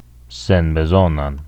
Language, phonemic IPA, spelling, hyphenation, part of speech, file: Esperanto, /sen.beˈzon.an/, senbezonan, sen‧be‧zon‧an, adjective, Eo-senbezonan.ogg
- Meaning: accusative singular of senbezona